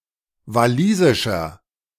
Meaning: 1. comparative degree of walisisch 2. inflection of walisisch: strong/mixed nominative masculine singular 3. inflection of walisisch: strong genitive/dative feminine singular
- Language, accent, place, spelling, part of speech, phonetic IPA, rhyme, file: German, Germany, Berlin, walisischer, adjective, [vaˈliːzɪʃɐ], -iːzɪʃɐ, De-walisischer.ogg